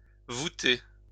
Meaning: 1. to vault a ceiling 2. to cause to stoop
- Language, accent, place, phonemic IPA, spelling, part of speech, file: French, France, Lyon, /vu.te/, voûter, verb, LL-Q150 (fra)-voûter.wav